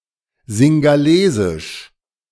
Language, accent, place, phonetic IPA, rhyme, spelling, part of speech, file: German, Germany, Berlin, [zɪŋɡaˈleːzɪʃ], -eːzɪʃ, singhalesisch, adjective, De-singhalesisch.ogg
- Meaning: Sinhalese (ethnic group in Sri Lanka)